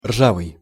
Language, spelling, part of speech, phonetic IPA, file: Russian, ржавый, adjective, [ˈrʐavɨj], Ru-ржавый.ogg
- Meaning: rusty (affected by rust)